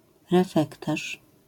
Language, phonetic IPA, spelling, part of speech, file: Polish, [rɛˈfɛktaʃ], refektarz, noun, LL-Q809 (pol)-refektarz.wav